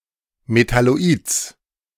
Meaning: genitive singular of Metalloid
- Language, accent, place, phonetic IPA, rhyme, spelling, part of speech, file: German, Germany, Berlin, [metaloˈiːt͡s], -iːt͡s, Metalloids, noun, De-Metalloids.ogg